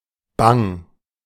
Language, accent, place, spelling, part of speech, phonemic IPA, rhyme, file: German, Germany, Berlin, bang, adjective, /baŋ/, -aŋ, De-bang.ogg
- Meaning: scared, frightened, afraid, fearful